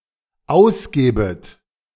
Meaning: second-person plural dependent subjunctive I of ausgeben
- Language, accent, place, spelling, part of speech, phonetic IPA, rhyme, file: German, Germany, Berlin, ausgebet, verb, [ˈaʊ̯sˌɡeːbət], -aʊ̯sɡeːbət, De-ausgebet.ogg